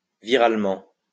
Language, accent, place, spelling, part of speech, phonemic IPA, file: French, France, Lyon, viralement, adverb, /vi.ʁal.mɑ̃/, LL-Q150 (fra)-viralement.wav
- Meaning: virally